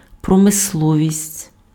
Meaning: industry
- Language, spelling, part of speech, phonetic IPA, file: Ukrainian, промисловість, noun, [prɔmesˈɫɔʋʲisʲtʲ], Uk-промисловість.ogg